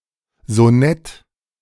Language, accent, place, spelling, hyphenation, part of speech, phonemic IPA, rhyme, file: German, Germany, Berlin, Sonett, So‧nett, noun, /zoˈnɛt/, -ɛt, De-Sonett.ogg
- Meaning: sonnet